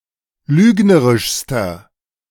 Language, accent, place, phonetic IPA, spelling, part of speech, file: German, Germany, Berlin, [ˈlyːɡnəʁɪʃstɐ], lügnerischster, adjective, De-lügnerischster.ogg
- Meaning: inflection of lügnerisch: 1. strong/mixed nominative masculine singular superlative degree 2. strong genitive/dative feminine singular superlative degree 3. strong genitive plural superlative degree